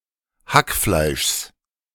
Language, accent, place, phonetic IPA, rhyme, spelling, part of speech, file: German, Germany, Berlin, [ˈhakˌflaɪ̯ʃs], -akflaɪ̯ʃs, Hackfleischs, noun, De-Hackfleischs.ogg
- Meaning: genitive singular of Hackfleisch